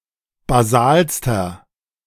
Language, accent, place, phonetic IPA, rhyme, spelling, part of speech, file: German, Germany, Berlin, [baˈzaːlstɐ], -aːlstɐ, basalster, adjective, De-basalster.ogg
- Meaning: inflection of basal: 1. strong/mixed nominative masculine singular superlative degree 2. strong genitive/dative feminine singular superlative degree 3. strong genitive plural superlative degree